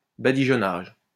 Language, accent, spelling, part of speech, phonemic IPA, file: French, France, badigeonnage, noun, /ba.di.ʒɔ.naʒ/, LL-Q150 (fra)-badigeonnage.wav
- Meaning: the act or the result of smearing; smear